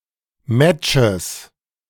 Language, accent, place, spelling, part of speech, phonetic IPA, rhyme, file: German, Germany, Berlin, Matches, noun, [ˈmɛt͡ʃəs], -ɛt͡ʃəs, De-Matches.ogg
- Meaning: 1. genitive singular of Match 2. nominative/accusative/genitive plural of Match